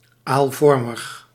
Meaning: eel shaped
- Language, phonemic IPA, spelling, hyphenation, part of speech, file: Dutch, /ˌaːlˈvɔr.məx/, aalvormig, aal‧vor‧mig, adjective, Nl-aalvormig.ogg